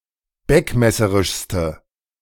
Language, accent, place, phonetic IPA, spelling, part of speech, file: German, Germany, Berlin, [ˈbɛkmɛsəʁɪʃstə], beckmesserischste, adjective, De-beckmesserischste.ogg
- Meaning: inflection of beckmesserisch: 1. strong/mixed nominative/accusative feminine singular superlative degree 2. strong nominative/accusative plural superlative degree